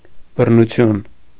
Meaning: violence, force
- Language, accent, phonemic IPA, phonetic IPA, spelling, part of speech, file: Armenian, Eastern Armenian, /bərnuˈtʰjun/, [bərnut͡sʰjún], բռնություն, noun, Hy-բռնություն.ogg